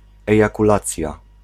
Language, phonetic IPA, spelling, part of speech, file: Polish, [ˌɛjakuˈlat͡sʲja], ejakulacja, noun, Pl-ejakulacja.ogg